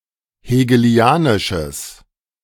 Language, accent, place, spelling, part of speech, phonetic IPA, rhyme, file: German, Germany, Berlin, hegelianisches, adjective, [heːɡəˈli̯aːnɪʃəs], -aːnɪʃəs, De-hegelianisches.ogg
- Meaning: strong/mixed nominative/accusative neuter singular of hegelianisch